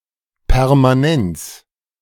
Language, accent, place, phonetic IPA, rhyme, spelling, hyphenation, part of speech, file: German, Germany, Berlin, [pɛʁmaˈɛnt͡s], -ɛnt͡s, Permanenz, Per‧ma‧nenz, noun, De-Permanenz.ogg
- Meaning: permanence (the state of being permanent)